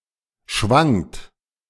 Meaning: second-person plural preterite of schwingen
- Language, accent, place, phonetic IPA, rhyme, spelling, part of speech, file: German, Germany, Berlin, [ʃvaŋt], -aŋt, schwangt, verb, De-schwangt.ogg